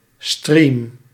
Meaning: a stream
- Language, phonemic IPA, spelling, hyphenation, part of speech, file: Dutch, /striːm/, stream, stream, noun, Nl-stream.ogg